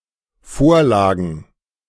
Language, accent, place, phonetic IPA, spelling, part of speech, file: German, Germany, Berlin, [ˈfoːɐ̯ˌlaːɡn̩], Vorlagen, noun, De-Vorlagen.ogg
- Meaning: plural of Vorlage